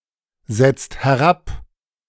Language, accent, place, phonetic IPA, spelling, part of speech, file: German, Germany, Berlin, [ˌzɛt͡st hɛˈʁap], setzt herab, verb, De-setzt herab.ogg
- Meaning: inflection of herabsetzen: 1. second-person singular/plural present 2. third-person singular present 3. plural imperative